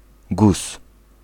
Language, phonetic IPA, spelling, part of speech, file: Polish, [ɡus], guz, noun, Pl-guz.ogg